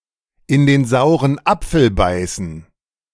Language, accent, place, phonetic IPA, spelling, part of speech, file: German, Germany, Berlin, [ɪn deːn ˈzaʊ̯ʁən ˈap͡fl̩ ˈbaɪ̯sn̩], in den sauren Apfel beißen, phrase, De-in den sauren Apfel beißen.ogg
- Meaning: to bite the bullet